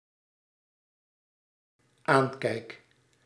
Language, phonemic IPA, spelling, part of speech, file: Dutch, /ˈaɲkɛik/, aankijk, verb, Nl-aankijk.ogg
- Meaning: first-person singular dependent-clause present indicative of aankijken